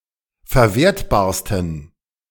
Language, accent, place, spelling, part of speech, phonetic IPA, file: German, Germany, Berlin, verwertbarsten, adjective, [fɛɐ̯ˈveːɐ̯tbaːɐ̯stn̩], De-verwertbarsten.ogg
- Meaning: 1. superlative degree of verwertbar 2. inflection of verwertbar: strong genitive masculine/neuter singular superlative degree